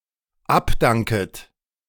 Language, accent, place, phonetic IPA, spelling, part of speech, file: German, Germany, Berlin, [ˈapˌdaŋkət], abdanket, verb, De-abdanket.ogg
- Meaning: second-person plural dependent subjunctive I of abdanken